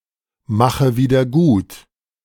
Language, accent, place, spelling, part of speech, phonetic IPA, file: German, Germany, Berlin, mache wieder gut, verb, [ˌmaxə ˌviːdɐ ˈɡuːt], De-mache wieder gut.ogg
- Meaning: inflection of wiedergutmachen: 1. first-person singular present 2. first/third-person singular subjunctive I 3. singular imperative